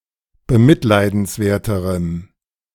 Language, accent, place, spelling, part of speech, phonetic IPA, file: German, Germany, Berlin, bemitleidenswerterem, adjective, [bəˈmɪtlaɪ̯dn̩sˌvɛɐ̯təʁəm], De-bemitleidenswerterem.ogg
- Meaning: strong dative masculine/neuter singular comparative degree of bemitleidenswert